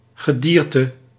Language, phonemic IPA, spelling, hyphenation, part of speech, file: Dutch, /ɣəˈdiːrtə/, gedierte, ge‧dier‧te, noun, Nl-gedierte.ogg
- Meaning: 1. animals 2. animal